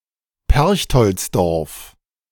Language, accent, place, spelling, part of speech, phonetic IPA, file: German, Germany, Berlin, Perchtoldsdorf, proper noun, [ˈpɛʁçtɔlt͡sdɔʁf], De-Perchtoldsdorf.ogg
- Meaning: a municipality of Lower Austria, Austria